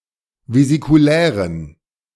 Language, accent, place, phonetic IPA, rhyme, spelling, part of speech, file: German, Germany, Berlin, [vezikuˈlɛːʁən], -ɛːʁən, vesikulären, adjective, De-vesikulären.ogg
- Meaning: inflection of vesikulär: 1. strong genitive masculine/neuter singular 2. weak/mixed genitive/dative all-gender singular 3. strong/weak/mixed accusative masculine singular 4. strong dative plural